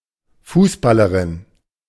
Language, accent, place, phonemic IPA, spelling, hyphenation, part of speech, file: German, Germany, Berlin, /ˈfuːsbaləʁɪn/, Fußballerin, Fuß‧bal‧le‧rin, noun, De-Fußballerin.ogg
- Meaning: footballer, football player, soccer player (all female)